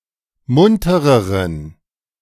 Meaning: inflection of munter: 1. strong genitive masculine/neuter singular comparative degree 2. weak/mixed genitive/dative all-gender singular comparative degree
- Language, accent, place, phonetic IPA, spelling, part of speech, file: German, Germany, Berlin, [ˈmʊntəʁəʁən], muntereren, adjective, De-muntereren.ogg